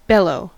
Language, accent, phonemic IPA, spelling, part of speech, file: English, US, /ˈbɛloʊ/, bellow, noun / verb, En-us-bellow.ogg
- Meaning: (noun) The deep roar of a large animal, or any similar loud noise; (verb) 1. To make a loud, deep, hollow noise like the roar of an angry bull 2. To shout in a deep voice